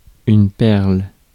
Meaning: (noun) 1. pearl (gem produced by molluscs) 2. bead (of any material) 3. pearl, gem (lovely person or thing, excellent example)
- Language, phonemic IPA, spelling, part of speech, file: French, /pɛʁl/, perle, noun / verb, Fr-perle.ogg